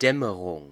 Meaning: 1. twilight at the beginning or end of a day, dawn and dusk 2. any twilight
- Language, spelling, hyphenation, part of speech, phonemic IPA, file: German, Dämmerung, Däm‧me‧rung, noun, /ˈdɛməʁʊŋ/, De-Dämmerung.ogg